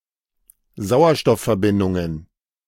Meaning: plural of Sauerstoffverbindung
- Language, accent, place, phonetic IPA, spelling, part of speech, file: German, Germany, Berlin, [ˈzaʊ̯ɐʃtɔffɛɐ̯ˌbɪndʊŋən], Sauerstoffverbindungen, noun, De-Sauerstoffverbindungen.ogg